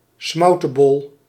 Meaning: 1. an oliebol-like treat, deep-fried in lard 2. an oliebol
- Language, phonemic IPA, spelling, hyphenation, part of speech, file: Dutch, /ˈsmɑu̯.təˌbɔl/, smoutebol, smou‧te‧bol, noun, Nl-smoutebol.ogg